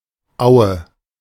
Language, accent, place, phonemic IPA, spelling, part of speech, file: German, Germany, Berlin, /aʊ̯ə/, Aue, noun, De-Aue.ogg
- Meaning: 1. flood meadow, floodplain (a flat grassy area adjacent to a river bed, subject to seasonal flooding) 2. mead, meadow 3. a comparatively large stream or small river